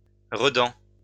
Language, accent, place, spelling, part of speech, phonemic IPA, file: French, France, Lyon, redan, noun, /ʁə.dɑ̃/, LL-Q150 (fra)-redan.wav
- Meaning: alternative form of redent